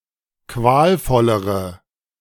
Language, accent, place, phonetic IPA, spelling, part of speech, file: German, Germany, Berlin, [ˈkvaːlˌfɔləʁə], qualvollere, adjective, De-qualvollere.ogg
- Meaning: inflection of qualvoll: 1. strong/mixed nominative/accusative feminine singular comparative degree 2. strong nominative/accusative plural comparative degree